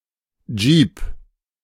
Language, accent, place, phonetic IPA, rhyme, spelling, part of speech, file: German, Germany, Berlin, [d͡ʒiːp], -iːp, Jeep, noun, De-Jeep.ogg
- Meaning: jeep